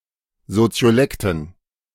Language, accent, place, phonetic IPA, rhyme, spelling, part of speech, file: German, Germany, Berlin, [zot͡si̯oˈlɛktn̩], -ɛktn̩, Soziolekten, noun, De-Soziolekten.ogg
- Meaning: dative plural of Soziolekt